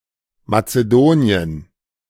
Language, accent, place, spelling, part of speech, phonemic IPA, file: German, Germany, Berlin, Mazedonien, proper noun, /matseˈdoːniən/, De-Mazedonien.ogg
- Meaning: 1. Macedonia (former name of North Macedonia: a country in Southeastern Europe in the Balkans) 2. Macedonia (a former constituent republic of Yugoslavia)